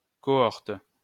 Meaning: 1. cohort 2. cohort, a division of the Roman legion 3. age group, age bracket
- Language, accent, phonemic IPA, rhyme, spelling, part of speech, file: French, France, /kɔ.ɔʁt/, -ɔʁt, cohorte, noun, LL-Q150 (fra)-cohorte.wav